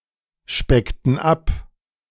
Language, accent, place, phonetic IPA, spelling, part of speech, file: German, Germany, Berlin, [ˌʃpɛktn̩ ˈap], speckten ab, verb, De-speckten ab.ogg
- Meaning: inflection of abspecken: 1. first/third-person plural preterite 2. first/third-person plural subjunctive II